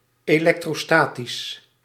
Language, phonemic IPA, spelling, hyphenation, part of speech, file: Dutch, /eːˌlɛk.troːˈstaː.tis/, elektrostatisch, elek‧tro‧sta‧tisch, adjective, Nl-elektrostatisch.ogg
- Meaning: electrostatic